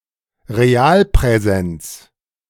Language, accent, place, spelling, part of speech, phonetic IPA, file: German, Germany, Berlin, Realpräsenz, noun, [ʁeˈaːlpʁɛˌzɛnt͡s], De-Realpräsenz.ogg
- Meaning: real presence